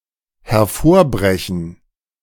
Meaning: to burst through
- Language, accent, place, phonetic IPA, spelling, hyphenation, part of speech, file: German, Germany, Berlin, [hɛɐ̯ˈfoːɐ̯ˌbʁɛçn̩], hervorbrechen, her‧vor‧bre‧chen, verb, De-hervorbrechen.ogg